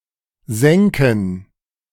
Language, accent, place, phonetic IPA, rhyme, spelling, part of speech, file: German, Germany, Berlin, [ˈzɛŋkn̩], -ɛŋkn̩, sänken, verb, De-sänken.ogg
- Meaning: first/third-person plural subjunctive II of sinken